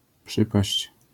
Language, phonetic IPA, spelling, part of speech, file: Polish, [ˈpʃɨpaɕt͡ɕ], przypaść, verb, LL-Q809 (pol)-przypaść.wav